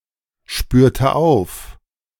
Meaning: inflection of aufspüren: 1. first/third-person singular preterite 2. first/third-person singular subjunctive II
- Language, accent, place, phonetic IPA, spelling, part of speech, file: German, Germany, Berlin, [ˌʃpyːɐ̯tə ˈaʊ̯f], spürte auf, verb, De-spürte auf.ogg